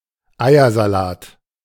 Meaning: egg salad
- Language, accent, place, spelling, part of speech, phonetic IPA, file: German, Germany, Berlin, Eiersalat, noun, [ˈaɪ̯ɐzaˌlaːt], De-Eiersalat.ogg